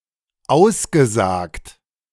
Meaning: past participle of aussagen
- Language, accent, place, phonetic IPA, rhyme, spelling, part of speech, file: German, Germany, Berlin, [ˈaʊ̯sɡəˌzaːkt], -aʊ̯sɡəzaːkt, ausgesagt, verb, De-ausgesagt.ogg